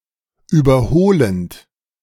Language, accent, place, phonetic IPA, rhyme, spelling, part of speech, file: German, Germany, Berlin, [ˌyːbɐˈhoːlənt], -oːlənt, überholend, verb, De-überholend.ogg
- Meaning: present participle of überholen